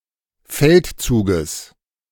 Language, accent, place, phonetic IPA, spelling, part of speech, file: German, Germany, Berlin, [ˈfɛltˌt͡suːɡəs], Feldzuges, noun, De-Feldzuges.ogg
- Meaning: genitive singular of Feldzug